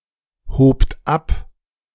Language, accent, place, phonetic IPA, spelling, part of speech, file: German, Germany, Berlin, [ˌhoːpt ˈap], hobt ab, verb, De-hobt ab.ogg
- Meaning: second-person plural preterite of abheben